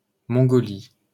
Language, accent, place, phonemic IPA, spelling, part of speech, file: French, France, Paris, /mɔ̃.ɡɔ.li/, Mongolie, proper noun, LL-Q150 (fra)-Mongolie.wav
- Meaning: Mongolia (a country in East Asia)